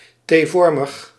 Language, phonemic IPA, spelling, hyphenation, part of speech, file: Dutch, /ˈtevɔrməx/, T-vormig, T-vor‧mig, adjective, Nl-T-vormig.ogg
- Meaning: T-shaped